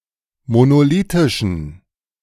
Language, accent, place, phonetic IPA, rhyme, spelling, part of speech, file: German, Germany, Berlin, [monoˈliːtɪʃn̩], -iːtɪʃn̩, monolithischen, adjective, De-monolithischen.ogg
- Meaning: inflection of monolithisch: 1. strong genitive masculine/neuter singular 2. weak/mixed genitive/dative all-gender singular 3. strong/weak/mixed accusative masculine singular 4. strong dative plural